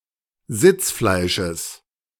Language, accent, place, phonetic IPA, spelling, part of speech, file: German, Germany, Berlin, [ˈzɪt͡sˌflaɪ̯ʃəs], Sitzfleisches, noun, De-Sitzfleisches.ogg
- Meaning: genitive of Sitzfleisch